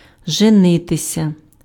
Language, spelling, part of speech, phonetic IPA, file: Ukrainian, женитися, verb, [ʒeˈnɪtesʲɐ], Uk-женитися.ogg
- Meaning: 1. to get married, to marry, to take a wife (of men) (imperfective and perfective) 2. to get married, to marry (as a couple) (imperfective only)